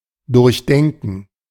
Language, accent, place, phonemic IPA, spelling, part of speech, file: German, Germany, Berlin, /dʊʁçˈdɛŋkn̩/, durchdenken, verb, De-durchdenken.ogg
- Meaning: 1. to think through, to reflect about, to deliberate 2. to think through (especially in a logical order, step by step, or from beginning to end)